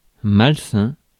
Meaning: unhealthy, sick
- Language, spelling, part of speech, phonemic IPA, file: French, malsain, adjective, /mal.sɛ̃/, Fr-malsain.ogg